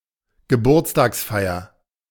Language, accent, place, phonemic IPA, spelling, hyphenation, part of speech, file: German, Germany, Berlin, /ɡəˈbuːɐ̯t͡staːksˌfaɪ̯ɐ/, Geburtstagsfeier, Ge‧burts‧tags‧fei‧er, noun, De-Geburtstagsfeier.ogg
- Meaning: birthday party